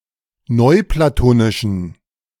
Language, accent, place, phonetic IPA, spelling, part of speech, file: German, Germany, Berlin, [ˈnɔɪ̯plaˌtoːnɪʃn̩], neuplatonischen, adjective, De-neuplatonischen.ogg
- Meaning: inflection of neuplatonisch: 1. strong genitive masculine/neuter singular 2. weak/mixed genitive/dative all-gender singular 3. strong/weak/mixed accusative masculine singular 4. strong dative plural